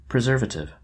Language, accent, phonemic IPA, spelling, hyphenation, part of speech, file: English, US, /prɪˈzɜːvətɪv/, preservative, pre‧ser‧va‧tive, noun / adjective, En-us-preservative.ogg
- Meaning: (noun) Any agent, natural or artificial, that acts to preserve, especially when added to food; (adjective) Tending to preserve